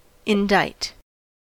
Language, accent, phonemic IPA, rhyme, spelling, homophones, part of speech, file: English, US, /ɪnˈdaɪt/, -aɪt, indict, indite, verb, En-us-indict.ogg
- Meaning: 1. To accuse of wrongdoing; charge 2. To make a formal accusation or indictment for a crime against (a party) by the findings of a jury, especially a grand jury